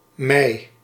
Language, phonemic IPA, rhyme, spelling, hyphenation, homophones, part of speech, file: Dutch, /mɛi̯/, -ɛi̯, mij, mij, mei, pronoun, Nl-mij.ogg
- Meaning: me; first-person singular objective personal pronoun